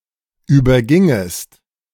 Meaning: second-person singular subjunctive I of übergehen
- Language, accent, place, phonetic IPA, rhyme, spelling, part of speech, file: German, Germany, Berlin, [ˌyːbɐˈɡɪŋəst], -ɪŋəst, übergingest, verb, De-übergingest.ogg